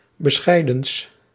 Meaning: partitive of bescheiden
- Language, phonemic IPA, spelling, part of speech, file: Dutch, /bəˈsxɛi̯dəns/, bescheidens, adjective, Nl-bescheidens.ogg